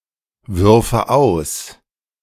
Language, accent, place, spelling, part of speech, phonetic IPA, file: German, Germany, Berlin, würfe aus, verb, [ˌvʏʁfə ˈaʊ̯s], De-würfe aus.ogg
- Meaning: first/third-person singular subjunctive II of auswerfen